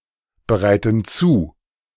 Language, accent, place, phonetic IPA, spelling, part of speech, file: German, Germany, Berlin, [bəˌʁaɪ̯tn̩ ˈt͡suː], bereiten zu, verb, De-bereiten zu.ogg
- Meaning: inflection of zubereiten: 1. first/third-person plural present 2. first/third-person plural subjunctive I